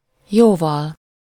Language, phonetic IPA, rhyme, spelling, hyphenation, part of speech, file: Hungarian, [ˈjoːvɒl], -ɒl, jóval, jó‧val, noun / adverb, Hu-jóval.ogg
- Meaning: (noun) instrumental singular of jó; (adverb) much, a lot, well, far (specifying the degree of difference with the comparative)